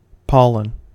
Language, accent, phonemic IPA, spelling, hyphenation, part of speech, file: English, US, /ˈpɑlən/, pollen, pol‧len, noun / verb, En-us-pollen.ogg
- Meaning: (noun) 1. A fine, granular substance produced in flowers 2. Pollen grains (microspores) produced in the anthers of flowering plants 3. Fine powder in general, fine flour